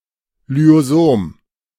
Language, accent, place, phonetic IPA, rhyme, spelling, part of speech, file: German, Germany, Berlin, [lyzoˈzoːm], -oːm, Lysosom, noun, De-Lysosom.ogg
- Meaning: lysosome